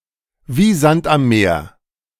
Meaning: (in) an innumerable amount; extremely common
- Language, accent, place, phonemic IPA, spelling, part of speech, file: German, Germany, Berlin, /viː ˈzant am ˈmeːɐ̯/, wie Sand am Meer, prepositional phrase, De-wie Sand am Meer.ogg